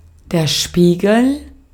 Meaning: mirror (smooth surface, usually made of glass with reflective material painted on the underside, that reflects light)
- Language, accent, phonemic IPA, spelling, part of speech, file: German, Austria, /ˈʃpiːɡl̩/, Spiegel, noun, De-at-Spiegel.ogg